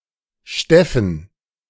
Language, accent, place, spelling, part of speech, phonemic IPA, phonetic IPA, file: German, Germany, Berlin, Steffen, proper noun, /ˈʃtɛfən/, [ˈʃtɛ.fn̩], De-Steffen.ogg
- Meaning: a male given name, variant of Stefan